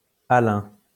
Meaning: Alan (of the Alans)
- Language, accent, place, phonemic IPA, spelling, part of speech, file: French, France, Lyon, /a.lɛ̃/, alain, adjective, LL-Q150 (fra)-alain.wav